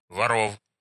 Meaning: inflection of вор (vor): 1. genitive plural 2. animate accusative plural
- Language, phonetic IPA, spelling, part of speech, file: Russian, [vɐˈrof], воров, noun, Ru-воро́в.ogg